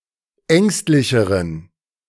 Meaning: inflection of ängstlich: 1. strong genitive masculine/neuter singular comparative degree 2. weak/mixed genitive/dative all-gender singular comparative degree
- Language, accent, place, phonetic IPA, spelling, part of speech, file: German, Germany, Berlin, [ˈɛŋstlɪçəʁən], ängstlicheren, adjective, De-ängstlicheren.ogg